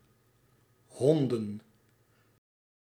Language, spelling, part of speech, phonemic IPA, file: Dutch, honden, noun, /ˈɦɔn.də(n)/, Nl-honden.ogg
- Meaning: plural of hond